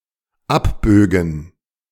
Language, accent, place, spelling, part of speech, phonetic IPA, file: German, Germany, Berlin, abbögen, verb, [ˈapˌbøːɡn̩], De-abbögen.ogg
- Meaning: first/third-person plural dependent subjunctive II of abbiegen